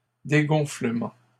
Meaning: deflation
- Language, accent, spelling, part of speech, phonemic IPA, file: French, Canada, dégonflement, noun, /de.ɡɔ̃.flə.mɑ̃/, LL-Q150 (fra)-dégonflement.wav